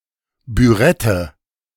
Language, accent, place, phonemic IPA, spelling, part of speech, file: German, Germany, Berlin, /byˈʁɛtə/, Bürette, noun, De-Bürette.ogg
- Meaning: burette